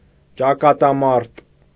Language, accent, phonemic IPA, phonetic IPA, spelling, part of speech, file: Armenian, Eastern Armenian, /t͡ʃɑkɑtɑˈmɑɾt/, [t͡ʃɑkɑtɑmɑ́ɾt], ճակատամարտ, noun, Hy-ճակատամարտ.ogg
- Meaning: pitched battle